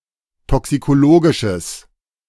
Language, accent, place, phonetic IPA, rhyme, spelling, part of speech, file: German, Germany, Berlin, [ˌtɔksikoˈloːɡɪʃəs], -oːɡɪʃəs, toxikologisches, adjective, De-toxikologisches.ogg
- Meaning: strong/mixed nominative/accusative neuter singular of toxikologisch